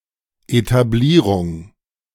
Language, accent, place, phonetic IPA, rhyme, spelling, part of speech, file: German, Germany, Berlin, [etaˈbliːʁʊŋ], -iːʁʊŋ, Etablierung, noun, De-Etablierung.ogg
- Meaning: establishment